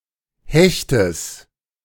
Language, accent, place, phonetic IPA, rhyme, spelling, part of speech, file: German, Germany, Berlin, [ˈhɛçtəs], -ɛçtəs, Hechtes, noun, De-Hechtes.ogg
- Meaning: genitive singular of Hecht